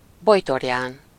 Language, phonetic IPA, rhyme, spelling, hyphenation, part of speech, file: Hungarian, [ˈbojtorjaːn], -aːn, bojtorján, boj‧tor‧ján, noun, Hu-bojtorján.ogg
- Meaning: burdock